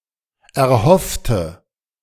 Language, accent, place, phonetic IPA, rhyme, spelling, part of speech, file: German, Germany, Berlin, [ɛɐ̯ˈhɔftə], -ɔftə, erhoffte, adjective / verb, De-erhoffte.ogg
- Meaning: inflection of erhoffen: 1. first/third-person singular preterite 2. first/third-person singular subjunctive II